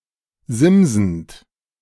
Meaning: present participle of simsen
- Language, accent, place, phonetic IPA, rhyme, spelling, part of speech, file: German, Germany, Berlin, [ˈzɪmzn̩t], -ɪmzn̩t, simsend, verb, De-simsend.ogg